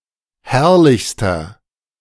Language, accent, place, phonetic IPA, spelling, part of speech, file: German, Germany, Berlin, [ˈhɛʁlɪçstɐ], herrlichster, adjective, De-herrlichster.ogg
- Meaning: inflection of herrlich: 1. strong/mixed nominative masculine singular superlative degree 2. strong genitive/dative feminine singular superlative degree 3. strong genitive plural superlative degree